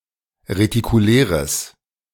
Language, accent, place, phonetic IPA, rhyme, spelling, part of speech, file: German, Germany, Berlin, [ʁetikuˈlɛːʁəs], -ɛːʁəs, retikuläres, adjective, De-retikuläres.ogg
- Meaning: strong/mixed nominative/accusative neuter singular of retikulär